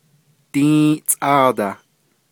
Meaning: fourteen
- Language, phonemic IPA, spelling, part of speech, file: Navajo, /tĩ́ːʔt͡sʼɑ̂ːtɑ̀h/, dį́į́ʼtsʼáadah, numeral, Nv-dį́į́ʼtsʼáadah.ogg